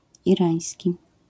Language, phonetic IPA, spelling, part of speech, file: Polish, [iˈrãj̃sʲci], irański, adjective, LL-Q809 (pol)-irański.wav